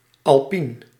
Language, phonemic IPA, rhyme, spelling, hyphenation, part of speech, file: Dutch, /ɑlˈpin/, -in, alpien, al‧pien, adjective, Nl-alpien.ogg
- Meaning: alpine